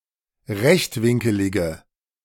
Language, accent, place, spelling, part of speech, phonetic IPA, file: German, Germany, Berlin, rechtwinkelige, adjective, [ˈʁɛçtˌvɪŋkəlɪɡə], De-rechtwinkelige.ogg
- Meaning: inflection of rechtwinkelig: 1. strong/mixed nominative/accusative feminine singular 2. strong nominative/accusative plural 3. weak nominative all-gender singular